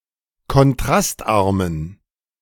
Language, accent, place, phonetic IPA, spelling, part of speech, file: German, Germany, Berlin, [kɔnˈtʁastˌʔaʁmən], kontrastarmen, adjective, De-kontrastarmen.ogg
- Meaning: inflection of kontrastarm: 1. strong genitive masculine/neuter singular 2. weak/mixed genitive/dative all-gender singular 3. strong/weak/mixed accusative masculine singular 4. strong dative plural